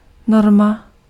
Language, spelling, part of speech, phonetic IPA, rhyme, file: Czech, norma, noun, [ˈnorma], -orma, Cs-norma.ogg
- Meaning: norm